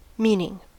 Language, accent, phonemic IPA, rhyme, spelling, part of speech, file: English, US, /ˈmi.nɪŋ/, -iːnɪŋ, meaning, noun / verb / adjective, En-us-meaning.ogg
- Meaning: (noun) 1. The denotation, referent, or idea connected with a word, expression, or symbol 2. The connotation associated with a word, expression, or symbol